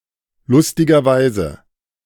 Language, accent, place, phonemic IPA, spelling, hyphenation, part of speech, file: German, Germany, Berlin, /ˈlʊstɪɡɐˌvaɪ̯zə/, lustigerweise, lus‧ti‧ger‧wei‧se, adverb, De-lustigerweise.ogg
- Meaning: funnily enough, amusingly